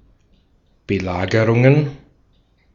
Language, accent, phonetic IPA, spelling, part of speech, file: German, Austria, [bəˈlaːɡəʁʊŋən], Belagerungen, noun, De-at-Belagerungen.ogg
- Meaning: plural of Belagerung